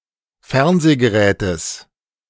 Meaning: genitive singular of Fernsehgerät
- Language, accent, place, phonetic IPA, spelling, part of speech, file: German, Germany, Berlin, [ˈfɛʁnzeːɡəˌʁɛːtəs], Fernsehgerätes, noun, De-Fernsehgerätes.ogg